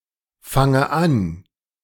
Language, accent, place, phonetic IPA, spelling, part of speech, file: German, Germany, Berlin, [ˌfaŋə ˈan], fange an, verb, De-fange an.ogg
- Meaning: inflection of anfangen: 1. first-person singular present 2. first/third-person singular subjunctive I